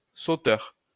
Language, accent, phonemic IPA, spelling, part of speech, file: French, France, /so.tœʁ/, sauteur, noun, LL-Q150 (fra)-sauteur.wav
- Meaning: 1. jumper (person who jumps) 2. long jumper, triple jumper 3. libertine, fornicator